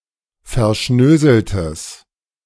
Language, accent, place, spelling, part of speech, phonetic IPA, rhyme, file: German, Germany, Berlin, verschnöseltes, adjective, [fɛɐ̯ˈʃnøːzl̩təs], -øːzl̩təs, De-verschnöseltes.ogg
- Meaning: strong/mixed nominative/accusative neuter singular of verschnöselt